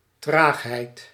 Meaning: 1. slowness, sluggishness 2. inertia
- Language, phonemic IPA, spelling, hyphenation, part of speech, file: Dutch, /ˈtraːx.ɦɛi̯t/, traagheid, traag‧heid, noun, Nl-traagheid.ogg